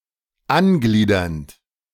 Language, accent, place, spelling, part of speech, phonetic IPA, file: German, Germany, Berlin, angliedernd, verb, [ˈanˌɡliːdɐnt], De-angliedernd.ogg
- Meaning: present participle of angliedern